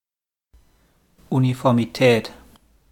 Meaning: uniformity
- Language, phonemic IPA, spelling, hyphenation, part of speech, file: German, /ˌunifɔʁmiˈtɛːt/, Uniformität, Uni‧for‧mi‧tät, noun, De-Uniformität.wav